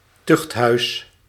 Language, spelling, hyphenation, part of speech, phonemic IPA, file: Dutch, tuchthuis, tucht‧huis, noun, /ˈtʏxt.ɦœy̯s/, Nl-tuchthuis.ogg
- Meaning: a house of correction, closed penitentiary where 'wayward' inmates (especially youth and vagrants) were to be punished and (at least in theory) reeducated trough forced labor